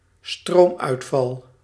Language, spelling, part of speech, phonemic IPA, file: Dutch, stroomuitval, noun, /ˈstromœytfɑl/, Nl-stroomuitval.ogg
- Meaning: power cut, blackout